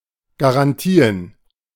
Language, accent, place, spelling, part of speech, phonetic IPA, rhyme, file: German, Germany, Berlin, Garantien, noun, [ɡaʁanˈtiːən], -iːən, De-Garantien.ogg
- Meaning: plural of Garantie